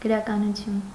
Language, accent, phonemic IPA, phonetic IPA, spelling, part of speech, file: Armenian, Eastern Armenian, /ɡəɾɑkɑnuˈtʰjun/, [ɡəɾɑkɑnut͡sʰjún], գրականություն, noun, Hy-գրականություն.ogg
- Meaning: literature